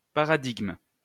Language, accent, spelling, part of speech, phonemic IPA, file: French, France, paradigme, noun, /pa.ʁa.diɡm/, LL-Q150 (fra)-paradigme.wav
- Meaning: paradigm (pattern, way of doing something; especially pattern of thought, system of beliefs, conceptual framework)